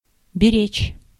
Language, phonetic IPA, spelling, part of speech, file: Russian, [bʲɪˈrʲet͡ɕ], беречь, verb, Ru-беречь.ogg
- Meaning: to guard, to take care of, to keep safe